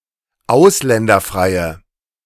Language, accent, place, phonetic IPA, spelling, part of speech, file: German, Germany, Berlin, [ˈaʊ̯slɛndɐˌfʁaɪ̯ə], ausländerfreie, adjective, De-ausländerfreie.ogg
- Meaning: inflection of ausländerfrei: 1. strong/mixed nominative/accusative feminine singular 2. strong nominative/accusative plural 3. weak nominative all-gender singular